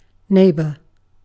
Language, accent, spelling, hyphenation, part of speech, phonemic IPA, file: English, UK, neighbour, neigh‧bour, noun / verb, /ˈneɪbə/, En-uk-neighbour.ogg
- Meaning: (noun) A person living on adjacent or nearby land; a person situated adjacently or nearby; anything (of the same type of thing as the subject) in an adjacent or nearby position